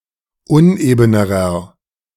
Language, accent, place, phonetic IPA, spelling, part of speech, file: German, Germany, Berlin, [ˈʊnʔeːbənəʁɐ], unebenerer, adjective, De-unebenerer.ogg
- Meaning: inflection of uneben: 1. strong/mixed nominative masculine singular comparative degree 2. strong genitive/dative feminine singular comparative degree 3. strong genitive plural comparative degree